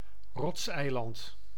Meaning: rocky island
- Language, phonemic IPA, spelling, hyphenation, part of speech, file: Dutch, /ˈrɔts.ɛi̯ˌlɑnt/, rotseiland, rots‧ei‧land, noun, Nl-rotseiland.ogg